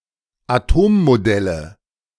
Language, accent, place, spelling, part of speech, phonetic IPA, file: German, Germany, Berlin, Atommodelle, noun, [aˈtoːmmoˌdɛlə], De-Atommodelle.ogg
- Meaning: nominative/accusative/genitive plural of Atommodell